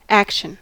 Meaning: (noun) 1. The effort of performing or doing something 2. Something done, often so as to accomplish a purpose 3. A way of motion or functioning 4. Fast-paced activity
- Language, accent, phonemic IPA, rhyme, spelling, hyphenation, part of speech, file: English, US, /ˈækʃən/, -ækʃən, action, ac‧tion, noun / interjection / adjective / verb, En-us-action.ogg